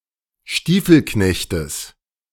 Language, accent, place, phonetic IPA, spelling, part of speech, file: German, Germany, Berlin, [ˈʃtiːfl̩ˌknɛçtəs], Stiefelknechtes, noun, De-Stiefelknechtes.ogg
- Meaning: genitive of Stiefelknecht